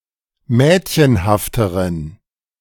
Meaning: inflection of mädchenhaft: 1. strong genitive masculine/neuter singular comparative degree 2. weak/mixed genitive/dative all-gender singular comparative degree
- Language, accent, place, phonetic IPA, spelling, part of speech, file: German, Germany, Berlin, [ˈmɛːtçənhaftəʁən], mädchenhafteren, adjective, De-mädchenhafteren.ogg